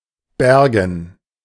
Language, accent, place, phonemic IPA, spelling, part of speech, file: German, Germany, Berlin, /ˈbɛʁɡn̩/, Bergen, proper noun / noun, De-Bergen.ogg
- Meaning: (proper noun) 1. a city in Hesse 2. a town on the island of Rügen in the Baltic Sea, Germany 3. the Belgian city Mons, in the former countship Hennegau (and modern Hainaut province)